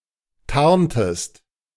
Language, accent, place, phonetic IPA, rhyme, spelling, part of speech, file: German, Germany, Berlin, [ˈtaʁntəst], -aʁntəst, tarntest, verb, De-tarntest.ogg
- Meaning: inflection of tarnen: 1. second-person singular preterite 2. second-person singular subjunctive II